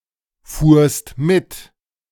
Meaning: second-person singular preterite of mitfahren
- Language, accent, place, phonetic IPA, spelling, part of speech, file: German, Germany, Berlin, [ˌfuːɐ̯st ˈmɪt], fuhrst mit, verb, De-fuhrst mit.ogg